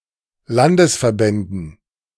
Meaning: dative plural of Landesverband
- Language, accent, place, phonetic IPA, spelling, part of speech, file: German, Germany, Berlin, [ˈlandəsfɛɐ̯ˌbɛndn̩], Landesverbänden, noun, De-Landesverbänden.ogg